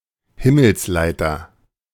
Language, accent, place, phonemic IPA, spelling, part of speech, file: German, Germany, Berlin, /ˈhɪml̩sˌlaɪ̯tɐ/, Himmelsleiter, noun, De-Himmelsleiter.ogg
- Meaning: Jacob's ladder